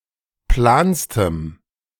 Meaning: strong dative masculine/neuter singular superlative degree of plan
- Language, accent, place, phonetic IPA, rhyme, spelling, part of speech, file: German, Germany, Berlin, [ˈplaːnstəm], -aːnstəm, planstem, adjective, De-planstem.ogg